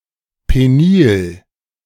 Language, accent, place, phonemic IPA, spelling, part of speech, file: German, Germany, Berlin, /ˌpeˈniːl/, penil, adjective, De-penil.ogg
- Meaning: penile